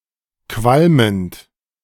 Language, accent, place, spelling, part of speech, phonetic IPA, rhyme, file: German, Germany, Berlin, qualmend, verb, [ˈkvalmənt], -almənt, De-qualmend.ogg
- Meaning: present participle of qualmen